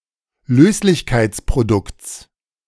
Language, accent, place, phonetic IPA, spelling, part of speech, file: German, Germany, Berlin, [ˈløːslɪçkaɪ̯t͡spʁoˌdʊkt͡s], Löslichkeitsprodukts, noun, De-Löslichkeitsprodukts.ogg
- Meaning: genitive singular of Löslichkeitsprodukt